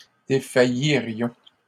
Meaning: first-person plural conditional of défaillir
- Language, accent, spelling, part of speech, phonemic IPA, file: French, Canada, défaillirions, verb, /de.fa.ji.ʁjɔ̃/, LL-Q150 (fra)-défaillirions.wav